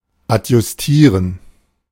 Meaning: 1. to set, adjust 2. to dress, equip 3. to prepare for a specific purpose 4. to fix
- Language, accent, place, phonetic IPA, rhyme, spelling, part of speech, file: German, Germany, Berlin, [atjʊsˈtiːʁən], -iːʁən, adjustieren, verb, De-adjustieren.ogg